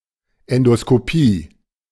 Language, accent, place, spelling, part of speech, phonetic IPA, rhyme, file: German, Germany, Berlin, Endoskopie, noun, [ɛndoskoˈpiː], -iː, De-Endoskopie.ogg
- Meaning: endoscopy